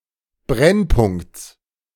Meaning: genitive singular of Brennpunkt
- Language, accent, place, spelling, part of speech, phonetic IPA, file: German, Germany, Berlin, Brennpunkts, noun, [ˈbʁɛnˌpʊŋkt͡s], De-Brennpunkts.ogg